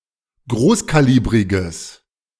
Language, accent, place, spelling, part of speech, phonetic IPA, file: German, Germany, Berlin, großkalibriges, adjective, [ˈɡʁoːskaˌliːbʁɪɡəs], De-großkalibriges.ogg
- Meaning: strong/mixed nominative/accusative neuter singular of großkalibrig